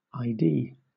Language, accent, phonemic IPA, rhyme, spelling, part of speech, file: English, Southern England, /aɪˈdiː/, -iː, ID, noun / proper noun / verb / adjective, LL-Q1860 (eng)-ID.wav
- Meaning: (noun) 1. Abbreviation of identification, identifier, or identity document 2. An ident 3. Initialism of image description 4. Initialism of intellectual disability 5. Initialism of intelligent design